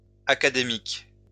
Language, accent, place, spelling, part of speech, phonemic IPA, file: French, France, Lyon, académiques, noun / adjective, /a.ka.de.mik/, LL-Q150 (fra)-académiques.wav
- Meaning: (noun) plural of académique